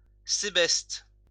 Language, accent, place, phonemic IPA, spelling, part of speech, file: French, France, Lyon, /se.bɛst/, sébeste, noun, LL-Q150 (fra)-sébeste.wav
- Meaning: sebesten